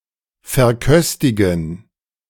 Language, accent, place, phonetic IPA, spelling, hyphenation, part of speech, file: German, Germany, Berlin, [fɛɐ̯ˈkœstɪɡn̩], verköstigen, ver‧kös‧ti‧gen, verb, De-verköstigen.ogg
- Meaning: to feed (e.g. guests)